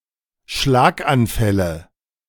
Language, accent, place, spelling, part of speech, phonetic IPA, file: German, Germany, Berlin, Schlaganfälle, noun, [ˈʃlaːkʔanˌfɛlə], De-Schlaganfälle.ogg
- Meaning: nominative/accusative/genitive plural of Schlaganfall